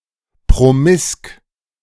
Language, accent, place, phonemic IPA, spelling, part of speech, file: German, Germany, Berlin, /pʁoˈmɪsk/, promisk, adjective, De-promisk.ogg
- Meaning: promiscuous (having many sexual partners)